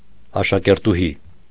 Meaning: schoolgirl
- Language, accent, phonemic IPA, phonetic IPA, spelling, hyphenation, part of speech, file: Armenian, Eastern Armenian, /ɑʃɑkeɾtuˈhi/, [ɑʃɑkeɾtuhí], աշակերտուհի, ա‧շա‧կեր‧տու‧հի, noun, Hy-աշակերտուհի .ogg